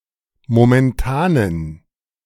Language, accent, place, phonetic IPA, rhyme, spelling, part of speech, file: German, Germany, Berlin, [momɛnˈtaːnən], -aːnən, momentanen, adjective, De-momentanen.ogg
- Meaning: inflection of momentan: 1. strong genitive masculine/neuter singular 2. weak/mixed genitive/dative all-gender singular 3. strong/weak/mixed accusative masculine singular 4. strong dative plural